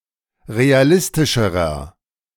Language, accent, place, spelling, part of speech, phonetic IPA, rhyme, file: German, Germany, Berlin, realistischerer, adjective, [ʁeaˈlɪstɪʃəʁɐ], -ɪstɪʃəʁɐ, De-realistischerer.ogg
- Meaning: inflection of realistisch: 1. strong/mixed nominative masculine singular comparative degree 2. strong genitive/dative feminine singular comparative degree 3. strong genitive plural comparative degree